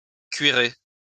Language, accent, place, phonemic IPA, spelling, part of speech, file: French, France, Lyon, /kɥi.ʁe/, cuirer, verb, LL-Q150 (fra)-cuirer.wav
- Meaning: to leather (cover with leather)